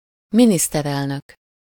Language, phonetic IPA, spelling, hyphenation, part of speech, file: Hungarian, [ˈministɛrɛlnøk], miniszterelnök, mi‧nisz‧ter‧el‧nök, noun, Hu-miniszterelnök.ogg
- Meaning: prime minister, head of government